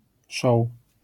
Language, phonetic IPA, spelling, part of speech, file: Polish, [ʃɔw], show, noun, LL-Q809 (pol)-show.wav